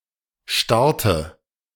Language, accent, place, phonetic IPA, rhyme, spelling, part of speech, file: German, Germany, Berlin, [ˈʃtaʁtə], -aʁtə, starte, verb, De-starte.ogg
- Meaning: inflection of starten: 1. first-person singular present 2. first/third-person singular subjunctive I 3. singular imperative